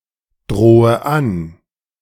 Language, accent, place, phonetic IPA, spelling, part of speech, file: German, Germany, Berlin, [ˌdʁoːə ˈan], drohe an, verb, De-drohe an.ogg
- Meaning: inflection of androhen: 1. first-person singular present 2. first/third-person singular subjunctive I 3. singular imperative